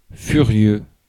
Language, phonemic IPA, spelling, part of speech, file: French, /fy.ʁjø/, furieux, adjective, Fr-furieux.ogg
- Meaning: furious